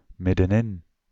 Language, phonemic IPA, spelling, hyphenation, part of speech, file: Dutch, /ˌmɪ.də(n)ˈɪn/, middenin, mid‧den‧in, adverb, Nl-middenin.ogg
- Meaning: in the middle